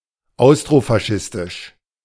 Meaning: Austrofascist
- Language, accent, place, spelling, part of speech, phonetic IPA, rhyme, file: German, Germany, Berlin, austrofaschistisch, adjective, [ˌaʊ̯stʁofaˈʃɪstɪʃ], -ɪstɪʃ, De-austrofaschistisch.ogg